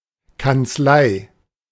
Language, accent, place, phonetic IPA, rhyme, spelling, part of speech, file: German, Germany, Berlin, [kant͡sˈlaɪ̯], -aɪ̯, Kanzlei, noun, De-Kanzlei.ogg
- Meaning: 1. office, chambers 2. chancellery 3. chancery